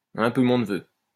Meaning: hell yeah, totally, absolutely
- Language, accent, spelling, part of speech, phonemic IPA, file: French, France, un peu mon neveu, interjection, /œ̃ pø mɔ̃ n(ə).vø/, LL-Q150 (fra)-un peu mon neveu.wav